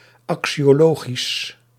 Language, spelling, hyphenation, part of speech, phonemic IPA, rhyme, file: Dutch, axiologisch, axio‧lo‧gisch, adjective, /ˌɑk.si.oːˈloː.ɣis/, -oːɣis, Nl-axiologisch.ogg
- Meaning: axiological